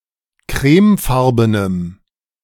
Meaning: strong dative masculine/neuter singular of crèmefarben
- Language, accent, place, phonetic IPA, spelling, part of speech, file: German, Germany, Berlin, [ˈkʁɛːmˌfaʁbənəm], crèmefarbenem, adjective, De-crèmefarbenem.ogg